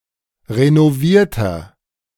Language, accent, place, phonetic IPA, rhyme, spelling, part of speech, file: German, Germany, Berlin, [ʁenoˈviːɐ̯tɐ], -iːɐ̯tɐ, renovierter, adjective, De-renovierter.ogg
- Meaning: inflection of renoviert: 1. strong/mixed nominative masculine singular 2. strong genitive/dative feminine singular 3. strong genitive plural